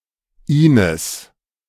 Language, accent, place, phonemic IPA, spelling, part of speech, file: German, Germany, Berlin, /ˈiːnəs/, Ines, proper noun, De-Ines.ogg
- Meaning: a female given name